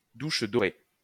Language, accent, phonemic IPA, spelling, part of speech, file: French, France, /duʃ dɔ.ʁe/, douche dorée, noun, LL-Q150 (fra)-douche dorée.wav
- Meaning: golden shower